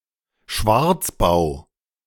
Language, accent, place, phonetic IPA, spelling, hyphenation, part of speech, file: German, Germany, Berlin, [ˈʃvaʁt͡sˌbaʊ̯], Schwarzbau, Schwarz‧bau, noun, De-Schwarzbau.ogg
- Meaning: Illegally constructed building